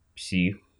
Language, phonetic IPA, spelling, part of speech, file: Russian, [psʲix], псих, noun, Ru-псих.ogg
- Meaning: 1. psycho, lunatic, psychopath (a person who is psychotic or otherwise insane) 2. nut (a person who acts in a bizarre or dangerous manner)